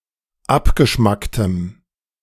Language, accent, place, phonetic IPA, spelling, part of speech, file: German, Germany, Berlin, [ˈapɡəˌʃmaktəm], abgeschmacktem, adjective, De-abgeschmacktem.ogg
- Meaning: strong dative masculine/neuter singular of abgeschmackt